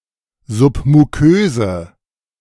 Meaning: inflection of submukös: 1. strong/mixed nominative/accusative feminine singular 2. strong nominative/accusative plural 3. weak nominative all-gender singular
- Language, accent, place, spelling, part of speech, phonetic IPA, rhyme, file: German, Germany, Berlin, submuköse, adjective, [ˌzʊpmuˈkøːzə], -øːzə, De-submuköse.ogg